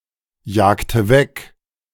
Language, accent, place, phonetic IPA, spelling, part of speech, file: German, Germany, Berlin, [ˌjaːktə ˈvɛk], jagte weg, verb, De-jagte weg.ogg
- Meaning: inflection of wegjagen: 1. first/third-person singular preterite 2. first/third-person singular subjunctive II